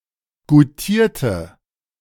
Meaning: inflection of goutieren: 1. first/third-person singular preterite 2. first/third-person singular subjunctive II
- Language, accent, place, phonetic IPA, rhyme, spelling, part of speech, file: German, Germany, Berlin, [ɡuˈtiːɐ̯tə], -iːɐ̯tə, goutierte, adjective / verb, De-goutierte.ogg